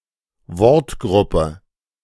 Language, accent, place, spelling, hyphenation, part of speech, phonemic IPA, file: German, Germany, Berlin, Wortgruppe, Wort‧grup‧pe, noun, /ˈvɔʁtˌɡʁʊpə/, De-Wortgruppe.ogg
- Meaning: group of words (i.e. a constituent phrase)